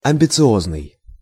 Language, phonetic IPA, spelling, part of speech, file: Russian, [ɐm⁽ʲ⁾bʲɪt͡sɨˈoznɨj], амбициозный, adjective, Ru-амбициозный.ogg
- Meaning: 1. self-conceited, proud, vain, arrogant, pretentious, showy 2. ambitious, aspiring, emulous